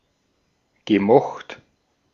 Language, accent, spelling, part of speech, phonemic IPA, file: German, Austria, gemocht, verb, /ɡə.ˈmɔxtʰ/, De-at-gemocht.ogg
- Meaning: past participle of mögen